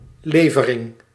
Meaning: 1. delivery 2. supply
- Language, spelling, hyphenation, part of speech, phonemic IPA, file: Dutch, levering, le‧ve‧ring, noun, /ˈleː.və.rɪŋ/, Nl-levering.ogg